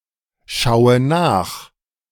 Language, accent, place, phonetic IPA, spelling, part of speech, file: German, Germany, Berlin, [ˌʃaʊ̯ə ˈnaːx], schaue nach, verb, De-schaue nach.ogg
- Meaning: inflection of nachschauen: 1. first-person singular present 2. first/third-person singular subjunctive I 3. singular imperative